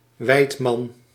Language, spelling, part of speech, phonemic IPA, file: Dutch, weidman, noun, /ˈwɛitmɑn/, Nl-weidman.ogg
- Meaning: hunter